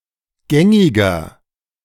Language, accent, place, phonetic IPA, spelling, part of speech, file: German, Germany, Berlin, [ˈɡɛŋɪɡɐ], gängiger, adjective, De-gängiger.ogg
- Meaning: 1. comparative degree of gängig 2. inflection of gängig: strong/mixed nominative masculine singular 3. inflection of gängig: strong genitive/dative feminine singular